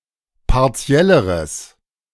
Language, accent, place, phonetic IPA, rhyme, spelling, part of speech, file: German, Germany, Berlin, [paʁˈt͡si̯ɛləʁəs], -ɛləʁəs, partielleres, adjective, De-partielleres.ogg
- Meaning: strong/mixed nominative/accusative neuter singular comparative degree of partiell